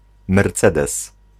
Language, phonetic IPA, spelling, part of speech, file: Polish, [mɛrˈt͡sɛdɛs], mercedes, noun, Pl-mercedes.ogg